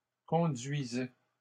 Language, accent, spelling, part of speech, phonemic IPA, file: French, Canada, conduisaient, verb, /kɔ̃.dɥi.zɛ/, LL-Q150 (fra)-conduisaient.wav
- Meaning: third-person plural imperfect indicative of conduire